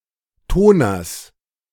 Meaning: genitive singular of Toner
- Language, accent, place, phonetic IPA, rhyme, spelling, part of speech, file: German, Germany, Berlin, [ˈtoːnɐs], -oːnɐs, Toners, noun, De-Toners.ogg